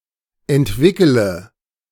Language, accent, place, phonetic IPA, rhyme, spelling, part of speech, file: German, Germany, Berlin, [ɛntˈvɪkələ], -ɪkələ, entwickele, verb, De-entwickele.ogg
- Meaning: inflection of entwickeln: 1. first-person singular present 2. first/third-person singular subjunctive I 3. singular imperative